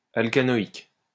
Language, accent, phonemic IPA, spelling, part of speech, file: French, France, /al.ka.nɔ.ik/, alcanoïque, adjective, LL-Q150 (fra)-alcanoïque.wav
- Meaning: alkanoic